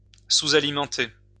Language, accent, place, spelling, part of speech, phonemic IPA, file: French, France, Lyon, sous-alimenter, verb, /su.za.li.mɑ̃.te/, LL-Q150 (fra)-sous-alimenter.wav
- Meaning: to underfeed